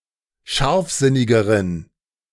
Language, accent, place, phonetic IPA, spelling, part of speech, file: German, Germany, Berlin, [ˈʃaʁfˌzɪnɪɡəʁən], scharfsinnigeren, adjective, De-scharfsinnigeren.ogg
- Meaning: inflection of scharfsinnig: 1. strong genitive masculine/neuter singular comparative degree 2. weak/mixed genitive/dative all-gender singular comparative degree